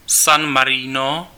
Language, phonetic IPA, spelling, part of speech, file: Czech, [san marɪno], San Marino, proper noun, Cs-San Marino.ogg
- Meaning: 1. San Marino (a landlocked microstate in Southern Europe, located within the borders of Italy) 2. San Marino (the capital city of San Marino)